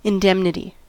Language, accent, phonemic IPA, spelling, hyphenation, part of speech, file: English, US, /ɪnˈdɛmnɪti/, indemnity, in‧dem‧ni‧ty, noun, En-us-indemnity.ogg
- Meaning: 1. Security from damage, loss, or penalty 2. An obligation or duty upon an individual to incur the losses of another 3. Repayment; compensation for loss or injury